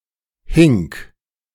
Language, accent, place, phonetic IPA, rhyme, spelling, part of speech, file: German, Germany, Berlin, [hɪŋk], -ɪŋk, hink, verb, De-hink.ogg
- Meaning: singular imperative of hinken